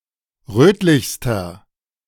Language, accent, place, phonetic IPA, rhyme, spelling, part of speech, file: German, Germany, Berlin, [ˈʁøːtlɪçstɐ], -øːtlɪçstɐ, rötlichster, adjective, De-rötlichster.ogg
- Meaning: inflection of rötlich: 1. strong/mixed nominative masculine singular superlative degree 2. strong genitive/dative feminine singular superlative degree 3. strong genitive plural superlative degree